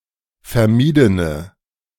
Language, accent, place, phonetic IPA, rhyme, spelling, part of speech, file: German, Germany, Berlin, [fɛɐ̯ˈmiːdənə], -iːdənə, vermiedene, adjective, De-vermiedene.ogg
- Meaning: inflection of vermieden: 1. strong/mixed nominative/accusative feminine singular 2. strong nominative/accusative plural 3. weak nominative all-gender singular